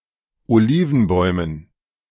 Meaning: dative plural of Olivenbaum
- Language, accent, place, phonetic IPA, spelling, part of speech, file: German, Germany, Berlin, [oˈliːvn̩ˌbɔɪ̯mən], Olivenbäumen, noun, De-Olivenbäumen.ogg